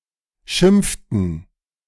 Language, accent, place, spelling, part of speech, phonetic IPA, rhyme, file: German, Germany, Berlin, schimpften, verb, [ˈʃɪmp͡ftn̩], -ɪmp͡ftn̩, De-schimpften.ogg
- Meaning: inflection of schimpfen: 1. first/third-person plural preterite 2. first/third-person plural subjunctive II